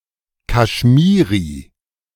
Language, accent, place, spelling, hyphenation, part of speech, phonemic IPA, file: German, Germany, Berlin, Kashmiri, Kash‧mi‧ri, proper noun, /kaʃˈmiːʁi/, De-Kashmiri.ogg
- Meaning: Kashmiri (language)